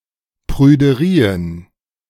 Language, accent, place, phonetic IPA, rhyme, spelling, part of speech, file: German, Germany, Berlin, [pʁyːdəˈʁiːən], -iːən, Prüderien, noun, De-Prüderien.ogg
- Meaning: plural of Prüderie